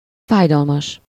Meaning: painful (full of pain)
- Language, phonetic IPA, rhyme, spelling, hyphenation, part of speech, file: Hungarian, [ˈfaːjdɒlmɒʃ], -ɒʃ, fájdalmas, fáj‧dal‧mas, adjective, Hu-fájdalmas.ogg